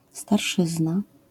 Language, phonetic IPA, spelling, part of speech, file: Polish, [starˈʃɨzna], starszyzna, noun, LL-Q809 (pol)-starszyzna.wav